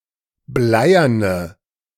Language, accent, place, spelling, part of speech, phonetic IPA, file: German, Germany, Berlin, bleierne, adjective, [ˈblaɪ̯ɐnə], De-bleierne.ogg
- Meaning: inflection of bleiern: 1. strong/mixed nominative/accusative feminine singular 2. strong nominative/accusative plural 3. weak nominative all-gender singular 4. weak accusative feminine/neuter singular